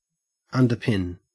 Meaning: 1. To support from below with props or masonry 2. To give support to; to form a basis of; to corroborate
- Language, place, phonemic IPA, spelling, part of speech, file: English, Queensland, /ˌɐn.dəˈpɪn/, underpin, verb, En-au-underpin.ogg